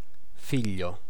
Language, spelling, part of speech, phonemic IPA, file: Italian, figlio, noun, /ˈfiʎʎo/, It-figlio.ogg